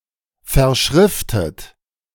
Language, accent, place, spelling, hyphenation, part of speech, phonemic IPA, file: German, Germany, Berlin, verschriftet, ver‧schrif‧tet, verb, /fɛɐ̯ˈʃʁɪftət/, De-verschriftet.ogg
- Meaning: 1. past participle of verschriften 2. inflection of verschriften: third-person singular present 3. inflection of verschriften: second-person plural present